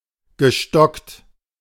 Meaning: past participle of stocken
- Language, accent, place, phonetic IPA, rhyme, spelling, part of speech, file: German, Germany, Berlin, [ɡəˈʃtɔkt], -ɔkt, gestockt, verb, De-gestockt.ogg